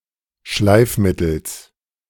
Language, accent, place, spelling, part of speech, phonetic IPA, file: German, Germany, Berlin, Schleifmittels, noun, [ˈʃlaɪ̯fˌmɪtl̩s], De-Schleifmittels.ogg
- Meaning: genitive singular of Schleifmittel